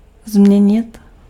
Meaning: to change
- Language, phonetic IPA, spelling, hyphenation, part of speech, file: Czech, [ˈzm̩ɲɛɲɪt], změnit, změ‧nit, verb, Cs-změnit.ogg